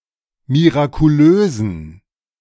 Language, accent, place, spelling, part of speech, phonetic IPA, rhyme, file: German, Germany, Berlin, mirakulösen, adjective, [miʁakuˈløːzn̩], -øːzn̩, De-mirakulösen.ogg
- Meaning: inflection of mirakulös: 1. strong genitive masculine/neuter singular 2. weak/mixed genitive/dative all-gender singular 3. strong/weak/mixed accusative masculine singular 4. strong dative plural